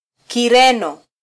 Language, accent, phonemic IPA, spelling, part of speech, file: Swahili, Kenya, /kiˈɾɛ.nɔ/, Kireno, noun, Sw-ke-Kireno.flac
- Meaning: Portuguese (the language)